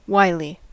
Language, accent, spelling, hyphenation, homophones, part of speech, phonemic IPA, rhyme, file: English, US, wily, wi‧ly, Wiley / Wylie / Wylye, adjective, /ˈwaɪ.li/, -aɪli, En-us-wily.ogg
- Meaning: Sly, cunning, full of tricks